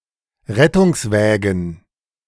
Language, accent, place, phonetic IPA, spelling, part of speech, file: German, Germany, Berlin, [ˈʁɛtʊŋsˌvɛːɡn̩], Rettungswägen, noun, De-Rettungswägen.ogg
- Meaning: plural of Rettungswagen